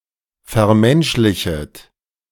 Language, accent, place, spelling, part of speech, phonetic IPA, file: German, Germany, Berlin, vermenschlichet, verb, [fɛɐ̯ˈmɛnʃlɪçət], De-vermenschlichet.ogg
- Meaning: second-person plural subjunctive I of vermenschlichen